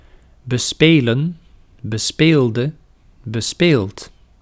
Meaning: to play (a musical instrument)
- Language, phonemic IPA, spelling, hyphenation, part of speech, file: Dutch, /bəˈspeːlə(n)/, bespelen, be‧spe‧len, verb, Nl-bespelen.ogg